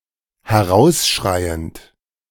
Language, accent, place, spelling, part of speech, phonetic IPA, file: German, Germany, Berlin, herausschreiend, verb, [hɛˈʁaʊ̯sˌʃʁaɪ̯ənt], De-herausschreiend.ogg
- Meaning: present participle of herausschreien